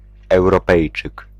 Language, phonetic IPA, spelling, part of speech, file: Polish, [ˌɛwrɔˈpɛjt͡ʃɨk], Europejczyk, noun, Pl-Europejczyk.ogg